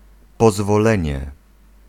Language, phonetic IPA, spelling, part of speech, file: Polish, [ˌpɔzvɔˈlɛ̃ɲɛ], pozwolenie, noun, Pl-pozwolenie.ogg